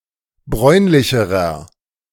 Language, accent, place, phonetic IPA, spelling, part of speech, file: German, Germany, Berlin, [ˈbʁɔɪ̯nlɪçəʁɐ], bräunlicherer, adjective, De-bräunlicherer.ogg
- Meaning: inflection of bräunlich: 1. strong/mixed nominative masculine singular comparative degree 2. strong genitive/dative feminine singular comparative degree 3. strong genitive plural comparative degree